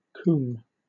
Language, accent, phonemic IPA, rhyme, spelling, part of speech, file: English, Southern England, /kuːm/, -uːm, coomb, noun, LL-Q1860 (eng)-coomb.wav
- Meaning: 1. A tub or vat, especially used in brewing 2. An old English measure of corn (e.g., wheat), equal to half a quarter or 4 bushels 3. Alternative spelling of combe